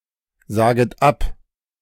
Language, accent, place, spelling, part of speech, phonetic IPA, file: German, Germany, Berlin, saget ab, verb, [ˌzaːɡət ˈap], De-saget ab.ogg
- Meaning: second-person plural subjunctive I of absagen